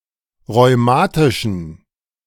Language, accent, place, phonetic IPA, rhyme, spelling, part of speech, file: German, Germany, Berlin, [ʁɔɪ̯ˈmaːtɪʃn̩], -aːtɪʃn̩, rheumatischen, adjective, De-rheumatischen.ogg
- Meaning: inflection of rheumatisch: 1. strong genitive masculine/neuter singular 2. weak/mixed genitive/dative all-gender singular 3. strong/weak/mixed accusative masculine singular 4. strong dative plural